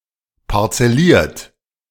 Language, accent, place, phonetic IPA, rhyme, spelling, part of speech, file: German, Germany, Berlin, [paʁt͡sɛˈliːɐ̯t], -iːɐ̯t, parzelliert, verb, De-parzelliert.ogg
- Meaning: 1. past participle of parzellieren 2. inflection of parzellieren: second-person plural present 3. inflection of parzellieren: third-person singular present